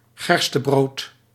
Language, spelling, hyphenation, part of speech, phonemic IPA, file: Dutch, gerstebrood, ger‧ste‧brood, noun, /ˈɣɛr.stəˌbroːt/, Nl-gerstebrood.ogg
- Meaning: barley bread, barley loaf